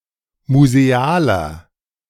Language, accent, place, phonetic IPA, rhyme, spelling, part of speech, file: German, Germany, Berlin, [muzeˈaːlɐ], -aːlɐ, musealer, adjective, De-musealer.ogg
- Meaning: 1. comparative degree of museal 2. inflection of museal: strong/mixed nominative masculine singular 3. inflection of museal: strong genitive/dative feminine singular